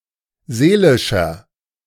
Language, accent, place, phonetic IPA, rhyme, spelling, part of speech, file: German, Germany, Berlin, [ˈzeːlɪʃɐ], -eːlɪʃɐ, seelischer, adjective, De-seelischer.ogg
- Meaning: inflection of seelisch: 1. strong/mixed nominative masculine singular 2. strong genitive/dative feminine singular 3. strong genitive plural